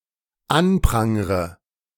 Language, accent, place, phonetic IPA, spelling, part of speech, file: German, Germany, Berlin, [ˈanˌpʁaŋʁə], anprangre, verb, De-anprangre.ogg
- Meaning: inflection of anprangern: 1. first-person singular dependent present 2. first/third-person singular dependent subjunctive I